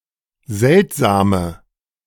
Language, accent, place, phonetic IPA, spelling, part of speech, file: German, Germany, Berlin, [ˈzɛltzaːmə], seltsame, adjective, De-seltsame.ogg
- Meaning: inflection of seltsam: 1. strong/mixed nominative/accusative feminine singular 2. strong nominative/accusative plural 3. weak nominative all-gender singular 4. weak accusative feminine/neuter singular